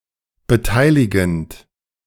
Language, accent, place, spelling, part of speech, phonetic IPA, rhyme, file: German, Germany, Berlin, beteiligend, verb, [bəˈtaɪ̯lɪɡn̩t], -aɪ̯lɪɡn̩t, De-beteiligend.ogg
- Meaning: present participle of beteiligen